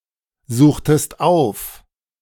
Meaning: inflection of aufsuchen: 1. second-person singular preterite 2. second-person singular subjunctive II
- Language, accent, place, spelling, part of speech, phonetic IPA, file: German, Germany, Berlin, suchtest auf, verb, [ˌzuːxtəst ˈaʊ̯f], De-suchtest auf.ogg